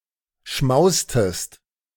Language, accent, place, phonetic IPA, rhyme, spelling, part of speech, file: German, Germany, Berlin, [ˈʃmaʊ̯stəst], -aʊ̯stəst, schmaustest, verb, De-schmaustest.ogg
- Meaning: inflection of schmausen: 1. second-person singular preterite 2. second-person singular subjunctive II